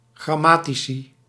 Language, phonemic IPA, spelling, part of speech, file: Dutch, /ɣrɑˈmatisi/, grammatici, noun, Nl-grammatici.ogg
- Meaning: plural of grammaticus